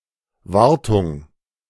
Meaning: maintenance
- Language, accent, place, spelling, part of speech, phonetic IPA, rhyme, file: German, Germany, Berlin, Wartung, noun, [ˈvaʁtʊŋ], -aʁtʊŋ, De-Wartung.ogg